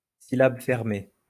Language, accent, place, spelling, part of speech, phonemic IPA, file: French, France, Lyon, syllabe fermée, noun, /si.lab fɛʁ.me/, LL-Q150 (fra)-syllabe fermée.wav
- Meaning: closed syllable